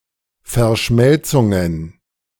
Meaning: genitive singular of Verschmelzung
- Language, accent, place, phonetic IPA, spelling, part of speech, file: German, Germany, Berlin, [fɛɐ̯ˈʃmɛlt͡sʊŋən], Verschmelzungen, noun, De-Verschmelzungen.ogg